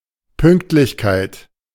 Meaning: punctuality
- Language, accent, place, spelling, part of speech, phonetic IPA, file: German, Germany, Berlin, Pünktlichkeit, noun, [ˈpʏŋktlɪçkaɪ̯t], De-Pünktlichkeit.ogg